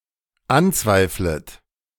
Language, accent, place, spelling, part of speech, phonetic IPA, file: German, Germany, Berlin, anzweiflet, verb, [ˈanˌt͡svaɪ̯flət], De-anzweiflet.ogg
- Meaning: second-person plural dependent subjunctive I of anzweifeln